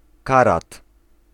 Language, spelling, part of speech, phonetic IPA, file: Polish, karat, noun, [ˈkarat], Pl-karat.ogg